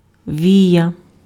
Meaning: eyelash
- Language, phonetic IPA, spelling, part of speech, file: Ukrainian, [ˈʋʲijɐ], вія, noun, Uk-вія.ogg